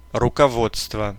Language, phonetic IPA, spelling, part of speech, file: Russian, [rʊkɐˈvot͡stvə], руководство, noun, Ru-руководство.ogg
- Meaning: 1. guidance, instruction, direction 2. leadership (a group of leaders) 3. textbook, guide